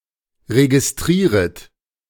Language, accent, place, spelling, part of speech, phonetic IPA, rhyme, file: German, Germany, Berlin, registrieret, verb, [ʁeɡɪsˈtʁiːʁət], -iːʁət, De-registrieret.ogg
- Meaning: second-person plural subjunctive I of registrieren